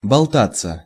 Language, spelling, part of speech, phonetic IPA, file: Russian, болтаться, verb, [bɐɫˈtat͡sːə], Ru-болтаться.ogg
- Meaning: 1. to dangle, to hang about 2. to loaf, to lounge about 3. passive of болта́ть (boltátʹ)